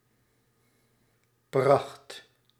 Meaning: splendor (US), splendour (UK)
- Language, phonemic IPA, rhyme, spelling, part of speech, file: Dutch, /prɑxt/, -ɑxt, pracht, noun, Nl-pracht.ogg